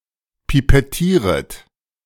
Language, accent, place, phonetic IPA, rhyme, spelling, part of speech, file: German, Germany, Berlin, [pipɛˈtiːʁət], -iːʁət, pipettieret, verb, De-pipettieret.ogg
- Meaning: second-person plural subjunctive I of pipettieren